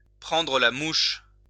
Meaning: to get ticked off, to get offended, to get in a huff, to fly off the handle
- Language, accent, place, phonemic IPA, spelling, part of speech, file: French, France, Lyon, /pʁɑ̃.dʁə la muʃ/, prendre la mouche, verb, LL-Q150 (fra)-prendre la mouche.wav